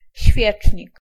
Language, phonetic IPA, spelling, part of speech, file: Polish, [ˈɕfʲjɛt͡ʃʲɲik], świecznik, noun, Pl-świecznik.ogg